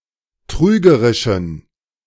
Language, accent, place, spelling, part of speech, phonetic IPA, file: German, Germany, Berlin, trügerischen, adjective, [ˈtʁyːɡəʁɪʃn̩], De-trügerischen.ogg
- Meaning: inflection of trügerisch: 1. strong genitive masculine/neuter singular 2. weak/mixed genitive/dative all-gender singular 3. strong/weak/mixed accusative masculine singular 4. strong dative plural